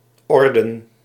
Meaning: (verb) inflection of ordenen: 1. first-person singular present indicative 2. second-person singular present indicative 3. imperative; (noun) plural of orde
- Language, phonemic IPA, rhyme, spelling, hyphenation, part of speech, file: Dutch, /ˈɔrdən/, -ɔrdən, orden, or‧den, verb / noun, Nl-orden.ogg